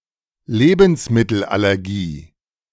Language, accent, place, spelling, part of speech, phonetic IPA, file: German, Germany, Berlin, Lebensmittelallergie, noun, [ˈleːbn̩smɪtl̩ʔalɛʁˌɡiː], De-Lebensmittelallergie.ogg
- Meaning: food allergy